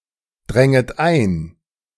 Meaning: second-person plural subjunctive II of eindringen
- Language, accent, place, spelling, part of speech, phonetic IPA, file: German, Germany, Berlin, dränget ein, verb, [ˌdʁɛŋət ˈaɪ̯n], De-dränget ein.ogg